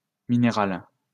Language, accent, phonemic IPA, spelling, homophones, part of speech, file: French, France, /mi.ne.ʁal/, minérale, minéral / minérales, adjective, LL-Q150 (fra)-minérale.wav
- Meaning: feminine singular of minéral